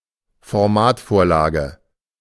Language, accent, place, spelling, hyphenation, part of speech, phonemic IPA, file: German, Germany, Berlin, Formatvorlage, For‧mat‧vor‧la‧ge, noun, /fɔʁˈmaːtfoːɐ̯ˌlaːɡə/, De-Formatvorlage.ogg
- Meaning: stylesheet (document issued by a publisher informing authors how to style their works for publication)